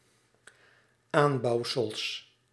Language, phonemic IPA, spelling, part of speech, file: Dutch, /ˈambɑuwsəls/, aanbouwsels, noun, Nl-aanbouwsels.ogg
- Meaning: plural of aanbouwsel